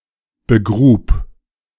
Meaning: first/third-person singular preterite of begraben
- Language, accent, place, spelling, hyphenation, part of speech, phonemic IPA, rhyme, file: German, Germany, Berlin, begrub, be‧grub, verb, /bəˈɡʁuːp/, -uːp, De-begrub.ogg